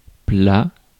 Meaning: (adjective) flat; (noun) 1. a flat area of ground; a flat thing; a flat dish or receptacle 2. dish or course (e.g. served in a restaurant)
- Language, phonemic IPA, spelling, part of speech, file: French, /pla/, plat, adjective / noun, Fr-plat.ogg